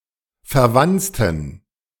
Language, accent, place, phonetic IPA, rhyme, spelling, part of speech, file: German, Germany, Berlin, [fɛɐ̯ˈvant͡stn̩], -ant͡stn̩, verwanzten, adjective / verb, De-verwanzten.ogg
- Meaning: inflection of verwanzen: 1. first/third-person plural preterite 2. first/third-person plural subjunctive II